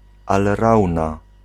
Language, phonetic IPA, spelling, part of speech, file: Polish, [alˈrawna], alrauna, noun, Pl-alrauna.ogg